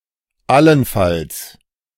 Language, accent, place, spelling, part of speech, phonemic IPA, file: German, Germany, Berlin, allenfalls, adverb, /ˈalənˈfals/, De-allenfalls.ogg
- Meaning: 1. at most, at best 2. possibly (given certain conditions)